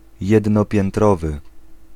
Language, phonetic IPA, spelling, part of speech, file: Polish, [ˌjɛdnɔpʲjɛ̃nˈtrɔvɨ], jednopiętrowy, adjective, Pl-jednopiętrowy.ogg